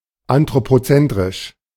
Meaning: anthropocentric
- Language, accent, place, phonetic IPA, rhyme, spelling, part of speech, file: German, Germany, Berlin, [antʁopoˈt͡sɛntʁɪʃ], -ɛntʁɪʃ, anthropozentrisch, adjective, De-anthropozentrisch.ogg